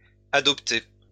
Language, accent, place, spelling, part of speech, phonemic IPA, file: French, France, Lyon, adoptée, noun, /a.dɔp.te/, LL-Q150 (fra)-adoptée.wav
- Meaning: female equivalent of adopté: female adoptee